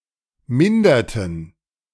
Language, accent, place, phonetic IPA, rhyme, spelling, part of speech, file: German, Germany, Berlin, [ˈmɪndɐtn̩], -ɪndɐtn̩, minderten, verb, De-minderten.ogg
- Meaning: inflection of mindern: 1. first/third-person plural preterite 2. first/third-person plural subjunctive II